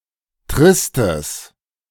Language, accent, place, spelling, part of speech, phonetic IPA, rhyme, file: German, Germany, Berlin, tristes, adjective, [ˈtʁɪstəs], -ɪstəs, De-tristes.ogg
- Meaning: strong/mixed nominative/accusative neuter singular of trist